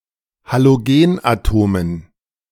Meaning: dative plural of Halogenatom
- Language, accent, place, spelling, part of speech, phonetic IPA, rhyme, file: German, Germany, Berlin, Halogenatomen, noun, [haloˈɡeːnʔaˌtoːmən], -eːnʔatoːmən, De-Halogenatomen.ogg